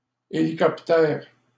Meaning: helicopter
- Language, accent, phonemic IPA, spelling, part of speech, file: French, Canada, /e.li.kɔp.tɛʁ/, hélicoptère, noun, LL-Q150 (fra)-hélicoptère.wav